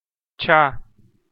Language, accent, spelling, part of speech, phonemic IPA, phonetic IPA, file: Armenian, Eastern Armenian, չա, noun, /t͡ʃʰɑ/, [t͡ʃʰɑ], Hy-չա.ogg
- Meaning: the name of the Armenian letter չ (čʻ)